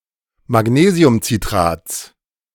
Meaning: genitive singular of Magnesiumcitrat
- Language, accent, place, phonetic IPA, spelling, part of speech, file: German, Germany, Berlin, [maˈɡneːzi̯ʊmt͡siˌtʁaːt͡s], Magnesiumcitrats, noun, De-Magnesiumcitrats.ogg